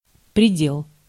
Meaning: 1. limit, boundary, margin 2. border 3. precincts 4. limit
- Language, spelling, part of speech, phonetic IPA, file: Russian, предел, noun, [prʲɪˈdʲeɫ], Ru-предел.ogg